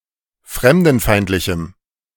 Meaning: strong dative masculine/neuter singular of fremdenfeindlich
- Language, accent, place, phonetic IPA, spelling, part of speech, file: German, Germany, Berlin, [ˈfʁɛmdn̩ˌfaɪ̯ntlɪçm̩], fremdenfeindlichem, adjective, De-fremdenfeindlichem.ogg